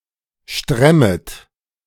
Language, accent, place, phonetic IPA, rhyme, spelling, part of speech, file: German, Germany, Berlin, [ˈʃtʁɛmət], -ɛmət, stremmet, verb, De-stremmet.ogg
- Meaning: second-person plural subjunctive I of stremmen